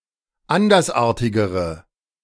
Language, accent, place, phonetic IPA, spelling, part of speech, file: German, Germany, Berlin, [ˈandɐsˌʔaːɐ̯tɪɡəʁə], andersartigere, adjective, De-andersartigere.ogg
- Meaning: inflection of andersartig: 1. strong/mixed nominative/accusative feminine singular comparative degree 2. strong nominative/accusative plural comparative degree